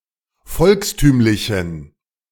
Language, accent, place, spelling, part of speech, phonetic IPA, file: German, Germany, Berlin, volkstümlichen, adjective, [ˈfɔlksˌtyːmlɪçn̩], De-volkstümlichen.ogg
- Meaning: inflection of volkstümlich: 1. strong genitive masculine/neuter singular 2. weak/mixed genitive/dative all-gender singular 3. strong/weak/mixed accusative masculine singular 4. strong dative plural